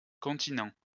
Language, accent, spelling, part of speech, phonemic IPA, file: French, France, continents, noun, /kɔ̃.ti.nɑ̃/, LL-Q150 (fra)-continents.wav
- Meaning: plural of continent